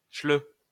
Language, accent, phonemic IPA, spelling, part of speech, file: French, France, /ʃlø/, schleu, adjective, LL-Q150 (fra)-schleu.wav
- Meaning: alternative spelling of chleuh